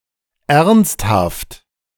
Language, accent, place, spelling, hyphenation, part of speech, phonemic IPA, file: German, Germany, Berlin, ernsthaft, ernst‧haft, adjective / adverb, /ˈɛʁnsthaft/, De-ernsthaft.ogg
- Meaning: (adjective) 1. serious (important, weighty) 2. serious (earnest, genuine); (adverb) seriously